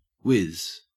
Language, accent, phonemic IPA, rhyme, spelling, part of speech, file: English, Australia, /wɪz/, -ɪz, wiz, noun / verb / preposition, En-au-wiz.ogg
- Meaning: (noun) 1. A person who is exceptionally clever, gifted or skilled in a particular area 2. A wizard; an administrator of a multi-user dungeon